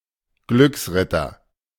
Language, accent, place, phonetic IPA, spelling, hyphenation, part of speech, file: German, Germany, Berlin, [ˈɡlʏksˌʁɪtɐ], Glücksritter, Glücks‧rit‧ter, noun, De-Glücksritter.ogg
- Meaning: 1. adventurer, fortune-hunter 2. man with a position in the social world 3. soldier of fortune, mercenary